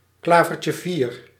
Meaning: four-leaf clover
- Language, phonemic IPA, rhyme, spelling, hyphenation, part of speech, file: Dutch, /ˌklaː.vər.tjəˈviːr/, -iːr, klavertjevier, kla‧ver‧tje‧vier, noun, Nl-klavertjevier.ogg